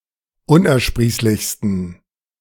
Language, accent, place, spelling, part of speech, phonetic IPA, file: German, Germany, Berlin, unersprießlichsten, adjective, [ˈʊnʔɛɐ̯ˌʃpʁiːslɪçstn̩], De-unersprießlichsten.ogg
- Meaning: 1. superlative degree of unersprießlich 2. inflection of unersprießlich: strong genitive masculine/neuter singular superlative degree